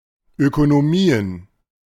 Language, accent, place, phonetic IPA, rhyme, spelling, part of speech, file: German, Germany, Berlin, [ˌøːkonoˈmiːən], -iːən, Ökonomien, noun, De-Ökonomien.ogg
- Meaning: plural of Ökonomie